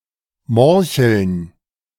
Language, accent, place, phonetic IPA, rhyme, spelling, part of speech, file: German, Germany, Berlin, [ˈmɔʁçl̩n], -ɔʁçl̩n, Morcheln, noun, De-Morcheln.ogg
- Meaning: plural of Morchel